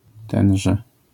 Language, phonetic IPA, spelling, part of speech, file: Polish, [ˈtɛ̃n͇ʒɛ], tenże, pronoun, LL-Q809 (pol)-tenże.wav